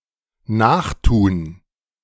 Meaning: to emulate, imitate
- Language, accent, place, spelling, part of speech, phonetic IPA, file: German, Germany, Berlin, nachtun, verb, [ˈnaːxˌtuːn], De-nachtun.ogg